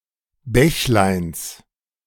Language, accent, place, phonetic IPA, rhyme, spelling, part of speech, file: German, Germany, Berlin, [ˈbɛçlaɪ̯ns], -ɛçlaɪ̯ns, Bächleins, noun, De-Bächleins.ogg
- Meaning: genitive of Bächlein